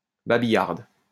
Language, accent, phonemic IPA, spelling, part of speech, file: French, France, /ba.bi.jaʁd/, babillarde, adjective, LL-Q150 (fra)-babillarde.wav
- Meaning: feminine singular of babillard